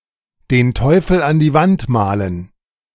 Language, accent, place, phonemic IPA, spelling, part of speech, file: German, Germany, Berlin, /deːn ˈtɔɪ̯fl̩ an diː vant ˈmaːlən/, den Teufel an die Wand malen, verb, De-den Teufel an die Wand malen.ogg
- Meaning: to be overly pessimistic (and thereby evoke a bad outcome)